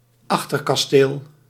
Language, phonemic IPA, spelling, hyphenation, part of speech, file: Dutch, /ˈɑx.tər.kɑˌsteːl/, achterkasteel, ach‧ter‧kas‧teel, noun, Nl-achterkasteel.ogg
- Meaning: aftcastle; raised structure on the stern of a ship, covered by the poop deck